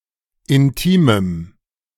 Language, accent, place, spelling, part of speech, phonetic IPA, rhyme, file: German, Germany, Berlin, intimem, adjective, [ɪnˈtiːməm], -iːməm, De-intimem.ogg
- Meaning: strong dative masculine/neuter singular of intim